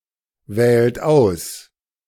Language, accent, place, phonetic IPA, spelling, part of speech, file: German, Germany, Berlin, [ˌvɛːlt ˈaʊ̯s], wählt aus, verb, De-wählt aus.ogg
- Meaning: inflection of auswählen: 1. second-person plural present 2. third-person singular present 3. plural imperative